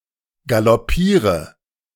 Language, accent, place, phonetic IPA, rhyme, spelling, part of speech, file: German, Germany, Berlin, [ɡalɔˈpiːʁə], -iːʁə, galoppiere, verb, De-galoppiere.ogg
- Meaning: inflection of galoppieren: 1. first-person singular present 2. first/third-person singular subjunctive I 3. singular imperative